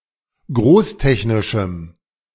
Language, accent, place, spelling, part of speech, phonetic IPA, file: German, Germany, Berlin, großtechnischem, adjective, [ˈɡʁoːsˌtɛçnɪʃm̩], De-großtechnischem.ogg
- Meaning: strong dative masculine/neuter singular of großtechnisch